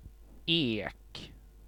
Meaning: oak
- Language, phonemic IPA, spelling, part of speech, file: Swedish, /eːk/, ek, noun, Sv-ek.ogg